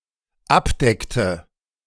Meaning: inflection of abdecken: 1. first/third-person singular dependent preterite 2. first/third-person singular dependent subjunctive II
- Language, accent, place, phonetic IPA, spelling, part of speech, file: German, Germany, Berlin, [ˈapˌdɛktə], abdeckte, verb, De-abdeckte.ogg